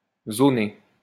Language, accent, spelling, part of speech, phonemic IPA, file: French, France, zoné, verb, /zo.ne/, LL-Q150 (fra)-zoné.wav
- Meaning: past participle of zoner